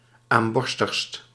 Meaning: superlative degree of aamborstig
- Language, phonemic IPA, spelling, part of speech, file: Dutch, /amˈbɔrstəxst/, aamborstigst, adjective, Nl-aamborstigst.ogg